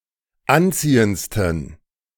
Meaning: 1. superlative degree of anziehend 2. inflection of anziehend: strong genitive masculine/neuter singular superlative degree
- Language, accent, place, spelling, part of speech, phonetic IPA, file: German, Germany, Berlin, anziehendsten, adjective, [ˈanˌt͡siːənt͡stn̩], De-anziehendsten.ogg